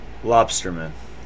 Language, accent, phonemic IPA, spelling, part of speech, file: English, US, /ˈlɒbstə(ɹ)mən/, lobsterman, noun, En-us-lobster-man.ogg
- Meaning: 1. A fisherman (male or female) for lobsters 2. A fisherman (male or female) for lobsters.: A male fisher of lobster, masculine of lobsterwoman